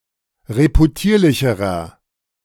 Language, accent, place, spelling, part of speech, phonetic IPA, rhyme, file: German, Germany, Berlin, reputierlicherer, adjective, [ʁepuˈtiːɐ̯lɪçəʁɐ], -iːɐ̯lɪçəʁɐ, De-reputierlicherer.ogg
- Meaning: inflection of reputierlich: 1. strong/mixed nominative masculine singular comparative degree 2. strong genitive/dative feminine singular comparative degree 3. strong genitive plural comparative degree